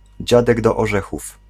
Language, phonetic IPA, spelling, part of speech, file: Polish, [ˈd͡ʑadɛɡ ˌdɔ‿ːˈʒɛxuf], dziadek do orzechów, noun, Pl-dziadek do orzechów.ogg